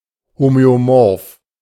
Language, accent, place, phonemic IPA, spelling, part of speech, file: German, Germany, Berlin, /ˌhomøoˈmɔʁf/, homöomorph, adjective, De-homöomorph.ogg
- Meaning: homeomorphic